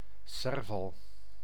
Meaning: serval (Leptailurus serval)
- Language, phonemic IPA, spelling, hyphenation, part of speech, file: Dutch, /ˈsɛr.vɑl/, serval, ser‧val, noun, Nl-serval.ogg